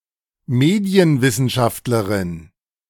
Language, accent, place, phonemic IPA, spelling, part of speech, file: German, Germany, Berlin, /ˈmeːdiənˌvɪsənʃaftlɐʁɪn/, Medienwissenschaftlerin, noun, De-Medienwissenschaftlerin.ogg
- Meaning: female equivalent of Medienwissenschaftler (“media scholar”)